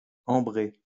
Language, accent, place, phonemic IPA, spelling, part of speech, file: French, France, Lyon, /ɑ̃.bʁe/, ambrée, adjective, LL-Q150 (fra)-ambrée.wav
- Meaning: feminine singular of ambré